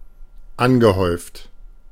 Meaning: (verb) past participle of anhäufen: accumulated; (adjective) cumulative
- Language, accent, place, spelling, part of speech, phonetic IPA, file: German, Germany, Berlin, angehäuft, adjective / verb, [ˈanɡəˌhɔɪ̯ft], De-angehäuft.ogg